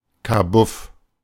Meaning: 1. small room or compartment (typically dark, stuffy and of small size) 2. storage compartment, broom closet (small room used to store tools or items)
- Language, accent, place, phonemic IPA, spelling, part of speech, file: German, Germany, Berlin, /kaˈbʊf/, Kabuff, noun, De-Kabuff.ogg